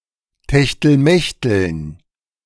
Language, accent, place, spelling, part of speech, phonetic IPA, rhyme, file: German, Germany, Berlin, Techtelmechteln, noun, [tɛçtl̩ˈmɛçtl̩n], -ɛçtl̩n, De-Techtelmechteln.ogg
- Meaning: dative plural of Techtelmechtel